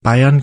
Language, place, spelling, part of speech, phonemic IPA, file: German, Bavaria, Bayern, proper noun / noun, /ˈbaɪ̯ɐn/, Bar-Bayern.oga
- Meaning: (proper noun) Bavaria (a historic region, former duchy, former kingdom, and modern state of Germany; the modern state includes parts of historical Swabia and Franconia as well as historical Bavaria)